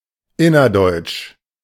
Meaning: 1. within Germany 2. between East Germany and West Germany
- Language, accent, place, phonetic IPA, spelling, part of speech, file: German, Germany, Berlin, [ˈɪnɐˌdɔɪ̯t͡ʃ], innerdeutsch, adjective, De-innerdeutsch.ogg